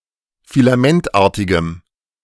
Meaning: strong dative masculine/neuter singular of filamentartig
- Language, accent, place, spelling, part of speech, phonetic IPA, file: German, Germany, Berlin, filamentartigem, adjective, [filaˈmɛntˌʔaːɐ̯tɪɡəm], De-filamentartigem.ogg